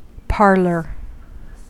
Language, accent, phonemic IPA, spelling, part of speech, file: English, US, /ˈpɑɹlɚ/, parlour, noun, En-us-parlour.ogg
- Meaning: Commonwealth standard spelling of parlor